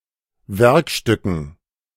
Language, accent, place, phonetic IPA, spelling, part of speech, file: German, Germany, Berlin, [ˈvɛʁkˌʃtʏkn̩], Werkstücken, noun, De-Werkstücken.ogg
- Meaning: dative plural of Werkstück